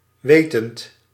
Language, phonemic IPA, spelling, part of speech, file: Dutch, /ˈʋetənt/, wetend, verb / adjective, Nl-wetend.ogg
- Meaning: present participle of weten